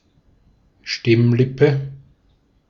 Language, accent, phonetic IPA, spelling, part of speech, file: German, Austria, [ˈʃtɪmˌlɪpə], Stimmlippe, noun, De-at-Stimmlippe.ogg
- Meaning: vocal fold, vocal cord